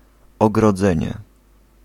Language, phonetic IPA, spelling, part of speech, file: Polish, [ˌɔɡrɔˈd͡zɛ̃ɲɛ], ogrodzenie, noun, Pl-ogrodzenie.ogg